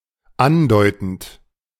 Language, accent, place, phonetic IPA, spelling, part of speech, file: German, Germany, Berlin, [ˈanˌdɔɪ̯tn̩t], andeutend, verb, De-andeutend.ogg
- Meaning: present participle of andeuten